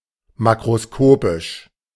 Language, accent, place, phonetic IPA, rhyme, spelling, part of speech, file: German, Germany, Berlin, [ˌmakʁoˈskoːpɪʃ], -oːpɪʃ, makroskopisch, adjective, De-makroskopisch.ogg
- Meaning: macroscopic